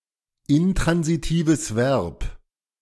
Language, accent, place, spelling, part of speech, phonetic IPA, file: German, Germany, Berlin, intransitives Verb, phrase, [ˌɪntʁanzitiːvəs ˈvɛʁp], De-intransitives Verb.ogg
- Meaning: intransitive verb